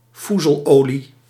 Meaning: fusel oil
- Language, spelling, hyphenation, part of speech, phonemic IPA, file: Dutch, foezelolie, foe‧zel‧olie, noun, /ˈfu.zəlˌoː.li/, Nl-foezelolie.ogg